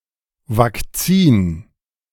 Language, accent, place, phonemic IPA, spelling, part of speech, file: German, Germany, Berlin, /vak.ˈt͡siːn/, Vakzin, noun, De-Vakzin.ogg
- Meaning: alternative form of Vakzine (“vaccine”)